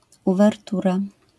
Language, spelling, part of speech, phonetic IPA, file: Polish, uwertura, noun, [ˌuvɛrˈtura], LL-Q809 (pol)-uwertura.wav